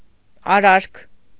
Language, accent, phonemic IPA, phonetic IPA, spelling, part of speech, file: Armenian, Eastern Armenian, /ɑˈɾɑɾkʰ/, [ɑɾɑ́ɾkʰ], արարք, noun, Hy-արարք.ogg
- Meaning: action; act, deed